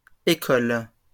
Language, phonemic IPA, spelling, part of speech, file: French, /e.kɔl/, écoles, noun, LL-Q150 (fra)-écoles.wav
- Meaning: plural of école